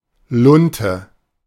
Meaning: 1. fuse 2. attenuated and slightly twisted roving. See :de:Wikipedia:Spinnen (Garn) and :de:Wikipedia:Roving (Vorgarn)
- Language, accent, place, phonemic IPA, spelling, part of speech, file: German, Germany, Berlin, /ˈlʊntə/, Lunte, noun, De-Lunte.ogg